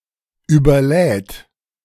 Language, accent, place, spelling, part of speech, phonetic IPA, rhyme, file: German, Germany, Berlin, überlädt, verb, [yːbɐˈlɛːt], -ɛːt, De-überlädt.ogg
- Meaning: third-person singular present of überladen